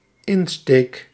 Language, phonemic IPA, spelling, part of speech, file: Dutch, /ˈɪnstek/, insteek, noun / verb, Nl-insteek.ogg
- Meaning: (noun) approach, manner, take, line; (verb) first-person singular dependent-clause present indicative of insteken